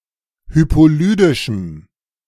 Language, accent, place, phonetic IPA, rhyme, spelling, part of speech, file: German, Germany, Berlin, [ˌhypoˈlyːdɪʃm̩], -yːdɪʃm̩, hypolydischem, adjective, De-hypolydischem.ogg
- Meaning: strong dative masculine/neuter singular of hypolydisch